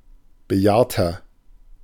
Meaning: 1. comparative degree of bejahrt 2. inflection of bejahrt: strong/mixed nominative masculine singular 3. inflection of bejahrt: strong genitive/dative feminine singular
- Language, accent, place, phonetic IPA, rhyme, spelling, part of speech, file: German, Germany, Berlin, [bəˈjaːɐ̯tɐ], -aːɐ̯tɐ, bejahrter, adjective, De-bejahrter.ogg